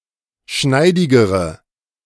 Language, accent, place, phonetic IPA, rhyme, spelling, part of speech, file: German, Germany, Berlin, [ˈʃnaɪ̯dɪɡəʁə], -aɪ̯dɪɡəʁə, schneidigere, adjective, De-schneidigere.ogg
- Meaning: inflection of schneidig: 1. strong/mixed nominative/accusative feminine singular comparative degree 2. strong nominative/accusative plural comparative degree